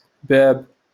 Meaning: door, gate
- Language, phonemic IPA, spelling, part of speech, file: Moroccan Arabic, /baːb/, باب, noun, LL-Q56426 (ary)-باب.wav